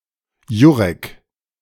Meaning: a male given name
- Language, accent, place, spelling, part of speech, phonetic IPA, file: German, Germany, Berlin, Jurek, proper noun, [ˈju.ʁɛk], De-Jurek.ogg